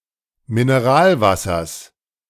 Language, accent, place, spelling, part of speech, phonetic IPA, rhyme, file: German, Germany, Berlin, Mineralwassers, noun, [mineˈʁaːlˌvasɐs], -aːlvasɐs, De-Mineralwassers.ogg
- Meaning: genitive singular of Mineralwasser